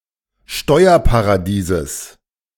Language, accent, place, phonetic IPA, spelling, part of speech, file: German, Germany, Berlin, [ˈʃtɔɪ̯ɐpaʁaˌdiːzəs], Steuerparadieses, noun, De-Steuerparadieses.ogg
- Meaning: genitive singular of Steuerparadies